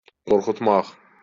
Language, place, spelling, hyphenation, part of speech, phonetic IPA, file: Azerbaijani, Baku, qorxutmaq, qor‧xut‧maq, verb, [ɡorχutˈmɑχ], LL-Q9292 (aze)-qorxutmaq.wav
- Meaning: to frighten, to scare